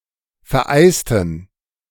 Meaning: inflection of vereisen: 1. first/third-person plural preterite 2. first/third-person plural subjunctive II
- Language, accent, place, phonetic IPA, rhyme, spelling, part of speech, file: German, Germany, Berlin, [fɛɐ̯ˈʔaɪ̯stn̩], -aɪ̯stn̩, vereisten, adjective / verb, De-vereisten.ogg